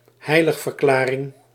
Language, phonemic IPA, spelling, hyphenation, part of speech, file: Dutch, /ˈɦɛi̯.ləx.vərˌklaː.rɪŋ/, heiligverklaring, hei‧lig‧ver‧kla‧ring, noun, Nl-heiligverklaring.ogg
- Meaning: canonization (US); canonisation (UK) as a saint